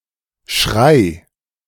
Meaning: singular imperative of schreien
- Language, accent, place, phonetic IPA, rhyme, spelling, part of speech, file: German, Germany, Berlin, [ʃʁaɪ̯], -aɪ̯, schrei, verb, De-schrei.ogg